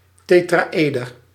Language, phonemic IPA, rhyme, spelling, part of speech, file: Dutch, /ˌteː.traːˈeː.dər/, -eːdər, tetraëder, noun, Nl-tetraëder.ogg
- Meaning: tetrahedron